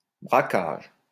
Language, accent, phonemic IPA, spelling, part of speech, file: French, France, /bʁa.kaʒ/, braquage, noun, LL-Q150 (fra)-braquage.wav
- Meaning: robbery (especially armed robbery), hold-up, stickup; raid